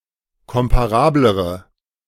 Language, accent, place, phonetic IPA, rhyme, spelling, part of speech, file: German, Germany, Berlin, [ˌkɔmpaˈʁaːbləʁə], -aːbləʁə, komparablere, adjective, De-komparablere.ogg
- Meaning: inflection of komparabel: 1. strong/mixed nominative/accusative feminine singular comparative degree 2. strong nominative/accusative plural comparative degree